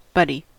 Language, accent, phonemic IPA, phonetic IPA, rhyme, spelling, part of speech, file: English, US, /ˈbʌdi/, [ˈbʌɾi], -ʌdi, buddy, noun / pronoun / verb / adjective, En-us-buddy.ogg
- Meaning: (noun) 1. A friend or casual acquaintance 2. A partner for a particular activity 3. A partner for a particular activity.: A workmate assigned to work closely with another